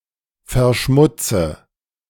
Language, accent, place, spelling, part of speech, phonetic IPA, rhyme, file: German, Germany, Berlin, verschmutze, verb, [fɛɐ̯ˈʃmʊt͡sə], -ʊt͡sə, De-verschmutze.ogg
- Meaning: inflection of verschmutzen: 1. first-person singular present 2. first/third-person singular subjunctive I 3. singular imperative